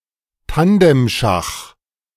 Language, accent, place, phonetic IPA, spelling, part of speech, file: German, Germany, Berlin, [ˈtandɛmˌʃax], Tandemschach, noun, De-Tandemschach.ogg
- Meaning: bughouse chess (variant of chess)